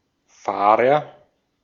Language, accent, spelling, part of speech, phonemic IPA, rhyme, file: German, Austria, Fahrer, noun, /ˈfaːʁɐ/, -aːʁɐ, De-at-Fahrer.ogg
- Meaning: agent noun of fahren; driver (person)